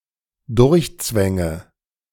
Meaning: inflection of durchzwängen: 1. first-person singular dependent present 2. first/third-person singular dependent subjunctive I
- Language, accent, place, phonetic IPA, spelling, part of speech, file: German, Germany, Berlin, [ˈdʊʁçˌt͡svɛŋə], durchzwänge, verb, De-durchzwänge.ogg